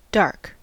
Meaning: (adjective) 1. Having an absolute or (more often) relative lack of light 2. Having an absolute or (more often) relative lack of light.: Extinguished
- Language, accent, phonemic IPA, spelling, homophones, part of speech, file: English, General American, /dɑɹk/, dark, doc, adjective / noun / verb, En-us-dark.ogg